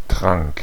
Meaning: first/third-person singular preterite of trinken
- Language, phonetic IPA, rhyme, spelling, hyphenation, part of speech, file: German, [tʁaŋk], -aŋk, trank, trank, verb, De-trank.ogg